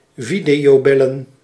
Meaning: to video call
- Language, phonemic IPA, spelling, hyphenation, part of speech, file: Dutch, /ˈvi.di.oːˌbɛ.lə(n)/, videobellen, vi‧deo‧bel‧len, verb, Nl-videobellen.ogg